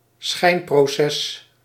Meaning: show trial
- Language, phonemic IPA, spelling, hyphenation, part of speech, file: Dutch, /ˈsxɛi̯n.proːˌsɛs/, schijnproces, schijn‧pro‧ces, noun, Nl-schijnproces.ogg